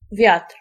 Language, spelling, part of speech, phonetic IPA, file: Polish, wiatr, noun, [vʲjatr̥], Pl-wiatr.ogg